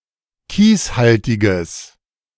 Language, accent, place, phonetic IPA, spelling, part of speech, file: German, Germany, Berlin, [ˈkiːsˌhaltɪɡəs], kieshaltiges, adjective, De-kieshaltiges.ogg
- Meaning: strong/mixed nominative/accusative neuter singular of kieshaltig